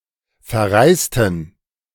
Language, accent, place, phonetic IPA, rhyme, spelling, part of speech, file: German, Germany, Berlin, [fɛɐ̯ˈʁaɪ̯stn̩], -aɪ̯stn̩, verreisten, adjective / verb, De-verreisten.ogg
- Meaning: inflection of verreisen: 1. first/third-person plural preterite 2. first/third-person plural subjunctive II